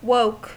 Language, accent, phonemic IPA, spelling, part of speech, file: English, US, /woʊk/, woke, adjective / noun / verb, En-us-woke.ogg
- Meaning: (adjective) 1. Awake: conscious and not asleep 2. Alert, aware of what is going on, or well-informed, especially of racial and other social justice issues